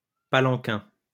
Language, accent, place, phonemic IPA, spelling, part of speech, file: French, France, Lyon, /pa.lɑ̃.kɛ̃/, palanquin, noun, LL-Q150 (fra)-palanquin.wav
- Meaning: palanquin (Asian litter or sedan chair)